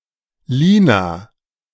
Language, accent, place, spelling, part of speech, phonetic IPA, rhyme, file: German, Germany, Berlin, Lina, proper noun, [ˈliːna], -iːna, De-Lina.ogg
- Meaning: a female given name